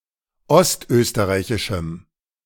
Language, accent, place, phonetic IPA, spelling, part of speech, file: German, Germany, Berlin, [ˈɔstˌʔøːstəʁaɪ̯çɪʃm̩], ostösterreichischem, adjective, De-ostösterreichischem.ogg
- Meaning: strong dative masculine/neuter singular of ostösterreichisch